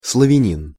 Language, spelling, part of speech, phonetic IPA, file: Russian, славянин, noun, [sɫəvʲɪˈnʲin | sɫɐˈvʲænʲɪn], Ru-славянин.ogg
- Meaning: Slav (person of Slavic origins)